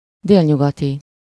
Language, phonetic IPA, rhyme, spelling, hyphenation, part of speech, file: Hungarian, [ˈdeːlɲuɡɒti], -ti, délnyugati, dél‧nyu‧ga‧ti, adjective, Hu-délnyugati.ogg
- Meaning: southwestern